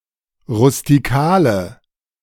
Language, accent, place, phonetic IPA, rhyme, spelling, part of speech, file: German, Germany, Berlin, [ʁʊstiˈkaːlə], -aːlə, rustikale, adjective, De-rustikale.ogg
- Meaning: inflection of rustikal: 1. strong/mixed nominative/accusative feminine singular 2. strong nominative/accusative plural 3. weak nominative all-gender singular